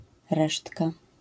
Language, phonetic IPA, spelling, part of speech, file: Polish, [ˈrɛʃtka], resztka, noun, LL-Q809 (pol)-resztka.wav